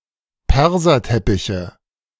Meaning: nominative/accusative/genitive plural of Perserteppich
- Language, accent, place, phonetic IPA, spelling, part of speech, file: German, Germany, Berlin, [ˈpɛʁzɐˌtɛpɪçə], Perserteppiche, noun, De-Perserteppiche.ogg